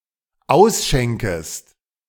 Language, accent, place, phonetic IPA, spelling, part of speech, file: German, Germany, Berlin, [ˈaʊ̯sˌʃɛŋkəst], ausschenkest, verb, De-ausschenkest.ogg
- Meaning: second-person singular dependent subjunctive I of ausschenken